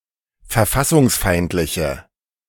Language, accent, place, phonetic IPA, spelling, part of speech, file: German, Germany, Berlin, [fɛɐ̯ˈfasʊŋsˌfaɪ̯ntlɪçə], verfassungsfeindliche, adjective, De-verfassungsfeindliche.ogg
- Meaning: inflection of verfassungsfeindlich: 1. strong/mixed nominative/accusative feminine singular 2. strong nominative/accusative plural 3. weak nominative all-gender singular